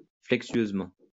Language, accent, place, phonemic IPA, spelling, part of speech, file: French, France, Lyon, /flɛk.sɥøz.mɑ̃/, flexueusement, adverb, LL-Q150 (fra)-flexueusement.wav
- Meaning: flexuously, sinuously